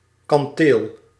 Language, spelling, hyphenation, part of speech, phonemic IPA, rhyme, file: Dutch, kanteel, kan‧teel, noun, /kɑnˈteːl/, -eːl, Nl-kanteel.ogg
- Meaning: merlon